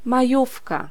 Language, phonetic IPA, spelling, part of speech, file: Polish, [maˈjufka], majówka, noun, Pl-majówka.ogg